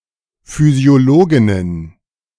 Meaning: plural of Physiologin
- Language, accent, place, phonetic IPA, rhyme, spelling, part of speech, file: German, Germany, Berlin, [ˌfyːzi̯oˈloːɡɪnən], -oːɡɪnən, Physiologinnen, noun, De-Physiologinnen.ogg